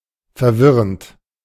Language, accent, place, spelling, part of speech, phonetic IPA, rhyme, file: German, Germany, Berlin, verwirrend, adjective / verb, [fɛɐ̯ˈvɪʁənt], -ɪʁənt, De-verwirrend.ogg
- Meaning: present participle of verwirren